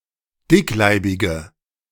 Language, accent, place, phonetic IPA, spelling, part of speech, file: German, Germany, Berlin, [ˈdɪkˌlaɪ̯bɪɡə], dickleibige, adjective, De-dickleibige.ogg
- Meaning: inflection of dickleibig: 1. strong/mixed nominative/accusative feminine singular 2. strong nominative/accusative plural 3. weak nominative all-gender singular